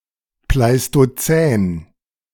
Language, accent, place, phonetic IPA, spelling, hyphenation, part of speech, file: German, Germany, Berlin, [plaɪ̯stoˈt͡sɛːn], Pleistozän, Plei‧sto‧zän, proper noun, De-Pleistozän.ogg
- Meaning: Pleistocene (a geologic epoch; from about 2.58 million years ago to 11,700 years ago)